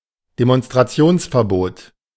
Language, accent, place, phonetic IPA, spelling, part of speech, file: German, Germany, Berlin, [demɔnstʁaˈt͡si̯oːnsfɛɐ̯ˌboːt], Demonstrationsverbot, noun, De-Demonstrationsverbot.ogg
- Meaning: ban on demonstrating, prohibition of protesting